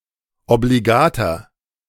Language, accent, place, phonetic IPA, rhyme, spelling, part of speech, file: German, Germany, Berlin, [obliˈɡaːtɐ], -aːtɐ, obligater, adjective, De-obligater.ogg
- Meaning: 1. comparative degree of obligat 2. inflection of obligat: strong/mixed nominative masculine singular 3. inflection of obligat: strong genitive/dative feminine singular